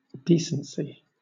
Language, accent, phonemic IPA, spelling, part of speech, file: English, Southern England, /ˈdiːsənsi/, decency, noun, LL-Q1860 (eng)-decency.wav
- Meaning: 1. The quality of being decent; propriety 2. That which is proper or becoming